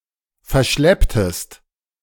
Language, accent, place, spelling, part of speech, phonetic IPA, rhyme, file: German, Germany, Berlin, verschlepptest, verb, [fɛɐ̯ˈʃlɛptəst], -ɛptəst, De-verschlepptest.ogg
- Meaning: inflection of verschleppen: 1. second-person singular preterite 2. second-person singular subjunctive II